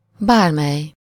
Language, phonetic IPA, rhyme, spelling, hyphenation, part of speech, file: Hungarian, [ˈbaːrmɛj], -ɛj, bármely, bár‧mely, determiner / pronoun, Hu-bármely.ogg
- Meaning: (determiner) any